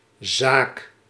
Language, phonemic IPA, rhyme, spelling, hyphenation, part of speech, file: Dutch, /zaːk/, -aːk, zaak, zaak, noun, Nl-zaak.ogg
- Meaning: 1. a thing, matter (general term with for a concept other than animate beings) 2. a matter, affair, business 3. a business, commercial enterprise, store, shop 4. a court case, law suit